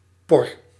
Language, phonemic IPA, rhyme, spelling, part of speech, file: Dutch, /pɔr/, -ɔr, por, noun / verb, Nl-por.ogg
- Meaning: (noun) a poke, jab; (verb) inflection of porren: 1. first-person singular present indicative 2. second-person singular present indicative 3. imperative